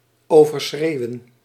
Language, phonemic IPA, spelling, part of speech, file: Dutch, /ˌoː.vərˈsxreːu̯ə(n)/, overschreeuwen, verb, Nl-overschreeuwen.ogg
- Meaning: 1. to shout or scream louder than 2. to excessively shout or scream